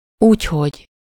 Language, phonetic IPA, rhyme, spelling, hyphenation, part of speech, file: Hungarian, [ˈuːchoɟ], -oɟ, úgyhogy, úgy‧hogy, conjunction, Hu-úgyhogy.ogg
- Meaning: so